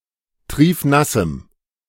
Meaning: strong dative masculine/neuter singular of triefnass
- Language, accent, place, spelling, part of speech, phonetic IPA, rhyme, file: German, Germany, Berlin, triefnassem, adjective, [ˈtʁiːfˈnasm̩], -asm̩, De-triefnassem.ogg